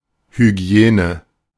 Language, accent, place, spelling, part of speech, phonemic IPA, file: German, Germany, Berlin, Hygiene, noun, /hyˈɡi̯eːnə/, De-Hygiene.ogg
- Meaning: hygiene